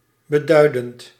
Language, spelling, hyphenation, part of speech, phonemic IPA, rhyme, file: Dutch, beduidend, be‧dui‧dend, verb / adjective, /bəˈdœy̯.dənt/, -œy̯dənt, Nl-beduidend.ogg
- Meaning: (verb) present participle of beduiden; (adjective) significant, considerable